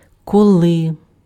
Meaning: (adverb) 1. when 2. as; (conjunction) if; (noun) nominative/accusative/vocative plural of кіл (kil)
- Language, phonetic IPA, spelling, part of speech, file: Ukrainian, [kɔˈɫɪ], коли, adverb / conjunction / noun, Uk-коли.ogg